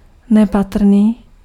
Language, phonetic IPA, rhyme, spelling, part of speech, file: Czech, [ˈnɛpatr̩niː], -atr̩niː, nepatrný, adjective, Cs-nepatrný.ogg
- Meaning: minute, insignificant, infinitesimal